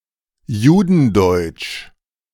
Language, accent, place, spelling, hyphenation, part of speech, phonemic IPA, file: German, Germany, Berlin, Judendeutsch, Ju‧den‧deutsch, proper noun, /ˈjuːdn̩ˌdɔɪ̯t͡ʃ/, De-Judendeutsch.ogg
- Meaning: Yiddish